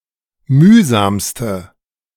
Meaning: inflection of mühsam: 1. strong/mixed nominative/accusative feminine singular superlative degree 2. strong nominative/accusative plural superlative degree
- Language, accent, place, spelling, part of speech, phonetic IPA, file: German, Germany, Berlin, mühsamste, adjective, [ˈmyːzaːmstə], De-mühsamste.ogg